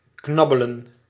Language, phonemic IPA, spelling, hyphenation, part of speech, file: Dutch, /ˈknɑ.bə.lə(n)/, knabbelen, knab‧be‧len, verb, Nl-knabbelen.ogg
- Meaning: to nibble